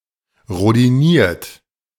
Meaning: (verb) past participle of rhodinieren; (adjective) rhodium-plated; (verb) inflection of rhodinieren: 1. second-person plural present 2. third-person singular present 3. plural imperative
- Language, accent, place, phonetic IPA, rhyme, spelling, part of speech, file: German, Germany, Berlin, [ʁodiˈniːɐ̯t], -iːɐ̯t, rhodiniert, adjective / verb, De-rhodiniert.ogg